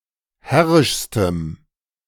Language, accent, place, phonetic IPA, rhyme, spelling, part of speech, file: German, Germany, Berlin, [ˈhɛʁɪʃstəm], -ɛʁɪʃstəm, herrischstem, adjective, De-herrischstem.ogg
- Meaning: strong dative masculine/neuter singular superlative degree of herrisch